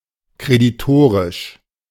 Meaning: 1. creditor 2. in credit
- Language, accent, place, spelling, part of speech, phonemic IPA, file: German, Germany, Berlin, kreditorisch, adjective, /kʁediˈtoːʁɪʃ/, De-kreditorisch.ogg